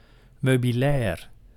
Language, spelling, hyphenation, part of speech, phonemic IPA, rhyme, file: Dutch, meubilair, meu‧bi‧lair, noun, /ˌmøː.biˈlɛːr/, -ɛːr, Nl-meubilair.ogg
- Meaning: furniture